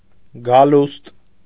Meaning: coming, arrival; advent
- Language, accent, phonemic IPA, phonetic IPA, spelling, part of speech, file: Armenian, Eastern Armenian, /ɡɑˈlust/, [ɡɑlúst], գալուստ, noun, Hy-գալուստ.ogg